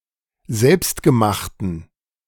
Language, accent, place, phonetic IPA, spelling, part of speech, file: German, Germany, Berlin, [ˈzɛlpstɡəˌmaxtn̩], selbstgemachten, adjective, De-selbstgemachten.ogg
- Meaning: inflection of selbstgemacht: 1. strong genitive masculine/neuter singular 2. weak/mixed genitive/dative all-gender singular 3. strong/weak/mixed accusative masculine singular 4. strong dative plural